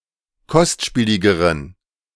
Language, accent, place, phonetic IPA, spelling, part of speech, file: German, Germany, Berlin, [ˈkɔstˌʃpiːlɪɡəʁən], kostspieligeren, adjective, De-kostspieligeren.ogg
- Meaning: inflection of kostspielig: 1. strong genitive masculine/neuter singular comparative degree 2. weak/mixed genitive/dative all-gender singular comparative degree